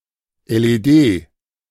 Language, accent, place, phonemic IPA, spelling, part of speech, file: German, Germany, Berlin, /ˌɛl ˌeː ˈdeː/, LED, noun, De-LED.ogg
- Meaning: LED (light-emitting diode)